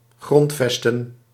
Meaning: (noun) foundations, basis; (verb) to found, establish, to form a basis
- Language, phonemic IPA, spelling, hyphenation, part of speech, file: Dutch, /ˈɣrɔntˌfɛs.tə(n)/, grondvesten, grond‧ves‧ten, noun / verb, Nl-grondvesten.ogg